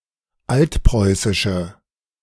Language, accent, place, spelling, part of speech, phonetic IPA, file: German, Germany, Berlin, altpreußische, adjective, [ˈaltˌpʁɔɪ̯sɪʃə], De-altpreußische.ogg
- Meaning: inflection of altpreußisch: 1. strong/mixed nominative/accusative feminine singular 2. strong nominative/accusative plural 3. weak nominative all-gender singular